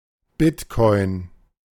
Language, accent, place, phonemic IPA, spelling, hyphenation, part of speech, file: German, Germany, Berlin, /ˈbɪtˌkɔɪ̯n/, Bitcoin, Bit‧coin, noun, De-Bitcoin.ogg
- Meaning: bitcoin